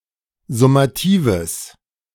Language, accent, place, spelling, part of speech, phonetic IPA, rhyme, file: German, Germany, Berlin, summatives, adjective, [zʊmaˈtiːvəs], -iːvəs, De-summatives.ogg
- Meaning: strong/mixed nominative/accusative neuter singular of summativ